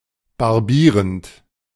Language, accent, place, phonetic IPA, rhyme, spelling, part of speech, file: German, Germany, Berlin, [baʁˈbiːʁənt], -iːʁənt, barbierend, verb, De-barbierend.ogg
- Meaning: present participle of barbieren